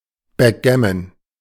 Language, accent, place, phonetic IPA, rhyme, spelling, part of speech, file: German, Germany, Berlin, [bɛkˈɡɛmən], -ɛmən, Backgammon, noun, De-Backgammon.ogg
- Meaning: backgammon